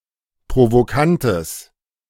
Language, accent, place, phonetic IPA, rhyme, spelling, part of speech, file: German, Germany, Berlin, [pʁovoˈkantəs], -antəs, provokantes, adjective, De-provokantes.ogg
- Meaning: strong/mixed nominative/accusative neuter singular of provokant